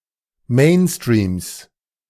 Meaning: genitive singular of Mainstream
- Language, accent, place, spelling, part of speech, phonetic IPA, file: German, Germany, Berlin, Mainstreams, noun, [ˈmeːnstʁiːms], De-Mainstreams.ogg